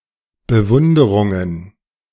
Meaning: plural of Bewunderung
- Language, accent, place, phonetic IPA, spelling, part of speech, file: German, Germany, Berlin, [bəˈvʊndəʁʊŋən], Bewunderungen, noun, De-Bewunderungen.ogg